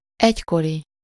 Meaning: former, one-time, erstwhile
- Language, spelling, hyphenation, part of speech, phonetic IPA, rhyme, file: Hungarian, egykori, egy‧ko‧ri, adjective, [ˈɛckori], -ri, Hu-egykori.ogg